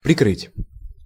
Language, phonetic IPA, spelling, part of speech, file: Russian, [prʲɪˈkrɨtʲ], прикрыть, verb, Ru-прикрыть.ogg
- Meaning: 1. to cover, to screen, to close / shut softly 2. to protect, to shelter, to cover, to shield 3. to cover up, to conceal 4. to liquidate, to close down